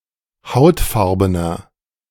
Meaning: inflection of hautfarben: 1. strong/mixed nominative masculine singular 2. strong genitive/dative feminine singular 3. strong genitive plural
- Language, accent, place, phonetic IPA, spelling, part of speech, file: German, Germany, Berlin, [ˈhaʊ̯tˌfaʁbənɐ], hautfarbener, adjective, De-hautfarbener.ogg